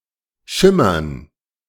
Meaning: to glimmer, to shimmer
- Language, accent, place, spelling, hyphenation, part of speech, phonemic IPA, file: German, Germany, Berlin, schimmern, schim‧mern, verb, /ˈʃɪmɐn/, De-schimmern.ogg